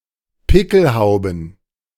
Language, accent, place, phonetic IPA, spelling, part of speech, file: German, Germany, Berlin, [ˈpɪkl̩ˌhaʊ̯bn̩], Pickelhauben, noun, De-Pickelhauben.ogg
- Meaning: plural of Pickelhaube